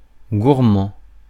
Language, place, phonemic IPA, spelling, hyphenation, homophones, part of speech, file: French, Paris, /ɡuʁ.mɑ̃/, gourmand, gour‧mand, gourmands, adjective / noun, Fr-gourmand.ogg
- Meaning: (adjective) 1. eating a lot 2. having a love for good food, demanding of food quality; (noun) a person who eats a lot, or who has refined tastes in food